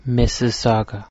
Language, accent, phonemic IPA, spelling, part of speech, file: English, Canada, /ˌmɪ.sɪˈsɑ.ɡə/, Mississauga, noun / proper noun, Mississauga.ogg
- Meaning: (noun) A member of an Algonquian people now living in southern Ontario, Canada; also a member of this race; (proper noun) A city in southern Ontario; a suburb of Toronto